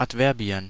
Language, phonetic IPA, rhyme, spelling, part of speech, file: German, [atˈvɛʁbi̯ən], -ɛʁbi̯ən, Adverbien, noun, De-Adverbien.ogg
- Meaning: plural of Adverb